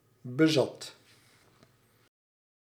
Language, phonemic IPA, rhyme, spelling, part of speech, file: Dutch, /bəˈzɑt/, -ɑt, bezat, verb, Nl-bezat.ogg
- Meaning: singular past indicative of bezitten